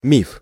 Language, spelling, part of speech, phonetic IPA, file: Russian, миф, noun, [mʲif], Ru-миф.ogg
- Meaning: 1. myth, fable 2. legend